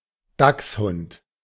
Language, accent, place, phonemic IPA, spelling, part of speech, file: German, Germany, Berlin, /ˈdaks.hʊnt/, Dachshund, noun, De-Dachshund.ogg
- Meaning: 1. dachshund (sausage dog, wiener dog) 2. a similar-looking dog, e.g. a basset hound